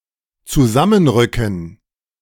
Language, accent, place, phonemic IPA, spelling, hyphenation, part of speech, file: German, Germany, Berlin, /t͡suˈzamənˌʁʏkn̩/, zusammenrücken, zu‧sam‧men‧rü‧cken, verb, De-zusammenrücken.ogg
- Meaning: to move together, push together